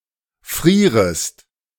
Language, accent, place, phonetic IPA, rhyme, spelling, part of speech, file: German, Germany, Berlin, [ˈfʁiːʁəst], -iːʁəst, frierest, verb, De-frierest.ogg
- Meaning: second-person singular subjunctive I of frieren